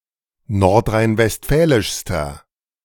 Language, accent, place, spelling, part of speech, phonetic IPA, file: German, Germany, Berlin, nordrhein-westfälischster, adjective, [ˌnɔʁtʁaɪ̯nvɛstˈfɛːlɪʃstɐ], De-nordrhein-westfälischster.ogg
- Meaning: inflection of nordrhein-westfälisch: 1. strong/mixed nominative masculine singular superlative degree 2. strong genitive/dative feminine singular superlative degree